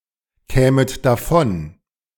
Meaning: second-person plural subjunctive II of davonkommen
- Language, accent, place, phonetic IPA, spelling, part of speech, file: German, Germany, Berlin, [ˌkɛːmət daˈfɔn], kämet davon, verb, De-kämet davon.ogg